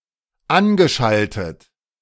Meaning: past participle of anschalten
- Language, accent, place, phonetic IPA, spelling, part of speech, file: German, Germany, Berlin, [ˈanɡəˌʃaltət], angeschaltet, verb, De-angeschaltet.ogg